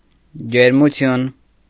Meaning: 1. heat, warmth 2. heat 3. warmth, cordiality 4. ardour 5. temperature 6. fever
- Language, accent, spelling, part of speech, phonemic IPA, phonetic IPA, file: Armenian, Eastern Armenian, ջերմություն, noun, /d͡ʒeɾmuˈtʰjun/, [d͡ʒeɾmut͡sʰjún], Hy-ջերմություն.ogg